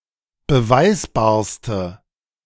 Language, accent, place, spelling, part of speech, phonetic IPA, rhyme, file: German, Germany, Berlin, beweisbarste, adjective, [bəˈvaɪ̯sbaːɐ̯stə], -aɪ̯sbaːɐ̯stə, De-beweisbarste.ogg
- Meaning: inflection of beweisbar: 1. strong/mixed nominative/accusative feminine singular superlative degree 2. strong nominative/accusative plural superlative degree